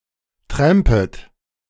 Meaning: second-person plural subjunctive I of trampen
- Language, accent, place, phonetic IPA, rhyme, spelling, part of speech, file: German, Germany, Berlin, [ˈtʁɛmpət], -ɛmpət, trampet, verb, De-trampet.ogg